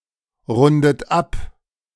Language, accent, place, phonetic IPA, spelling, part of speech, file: German, Germany, Berlin, [ˌʁʊndət ˈap], rundet ab, verb, De-rundet ab.ogg
- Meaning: inflection of abrunden: 1. third-person singular present 2. second-person plural present 3. second-person plural subjunctive I 4. plural imperative